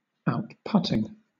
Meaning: present participle and gerund of outputt
- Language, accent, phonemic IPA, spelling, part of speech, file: English, Southern England, /aʊtˈpʌtɪŋ/, outputting, verb, LL-Q1860 (eng)-outputting.wav